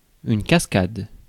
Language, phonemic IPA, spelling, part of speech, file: French, /kas.kad/, cascade, noun / verb, Fr-cascade.ogg
- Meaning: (noun) 1. cascade (waterfall) 2. cascade (series of event) 3. cascade 4. a stunt performed for cinematic imitation or entertainment